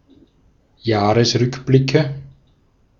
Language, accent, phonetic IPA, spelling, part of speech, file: German, Austria, [ˈjaːʁəsˌʁʏkblɪkə], Jahresrückblicke, noun, De-at-Jahresrückblicke.ogg
- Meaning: nominative/accusative/genitive plural of Jahresrückblick